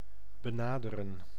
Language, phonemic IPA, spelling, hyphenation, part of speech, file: Dutch, /bəˈnaːdərə(n)/, benaderen, be‧na‧de‧ren, verb, Nl-benaderen.ogg
- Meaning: 1. to approach 2. to approximate